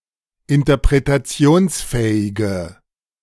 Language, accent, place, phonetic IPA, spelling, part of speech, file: German, Germany, Berlin, [ɪntɐpʁetaˈt͡si̯oːnsˌfɛːɪɡə], interpretationsfähige, adjective, De-interpretationsfähige.ogg
- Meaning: inflection of interpretationsfähig: 1. strong/mixed nominative/accusative feminine singular 2. strong nominative/accusative plural 3. weak nominative all-gender singular